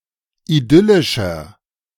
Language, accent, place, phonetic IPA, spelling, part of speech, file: German, Germany, Berlin, [iˈdʏlɪʃɐ], idyllischer, adjective, De-idyllischer.ogg
- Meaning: 1. comparative degree of idyllisch 2. inflection of idyllisch: strong/mixed nominative masculine singular 3. inflection of idyllisch: strong genitive/dative feminine singular